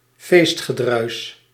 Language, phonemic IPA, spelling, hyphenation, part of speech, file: Dutch, /ˈfeːst.xəˌdrœy̯s/, feestgedruis, feest‧ge‧druis, noun, Nl-feestgedruis.ogg
- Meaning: revelry